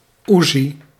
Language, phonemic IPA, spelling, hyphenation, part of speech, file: Dutch, /ˈuː.zi/, uzi, uzi, noun, Nl-uzi.ogg
- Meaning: an uzi (submachine gun)